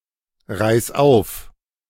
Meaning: singular imperative of aufreißen
- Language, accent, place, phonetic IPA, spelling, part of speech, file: German, Germany, Berlin, [ˌʁaɪ̯s ˈaʊ̯f], reiß auf, verb, De-reiß auf.ogg